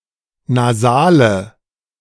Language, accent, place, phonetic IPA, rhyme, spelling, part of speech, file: German, Germany, Berlin, [naˈzaːlə], -aːlə, Nasale, noun, De-Nasale.ogg
- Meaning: nominative/accusative/genitive plural of Nasal